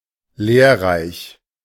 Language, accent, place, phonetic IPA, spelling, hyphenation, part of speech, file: German, Germany, Berlin, [ˈleːɐ̯ˌʁaɪ̯ç], lehrreich, lehr‧reich, adjective, De-lehrreich.ogg
- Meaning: instructive, teaching, informative, educational, salutary